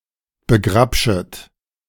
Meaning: second-person plural subjunctive I of begrabschen
- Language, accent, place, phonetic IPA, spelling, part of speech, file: German, Germany, Berlin, [bəˈɡʁapʃət], begrabschet, verb, De-begrabschet.ogg